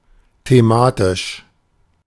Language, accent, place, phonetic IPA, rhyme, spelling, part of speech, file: German, Germany, Berlin, [teˈmaːtɪʃ], -aːtɪʃ, thematisch, adjective, De-thematisch.ogg
- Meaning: thematic